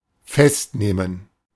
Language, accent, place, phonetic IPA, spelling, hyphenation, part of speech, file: German, Germany, Berlin, [ˈfɛstˌneːmən], festnehmen, fest‧neh‧men, verb, De-festnehmen.ogg
- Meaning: to arrest (take into legal custody)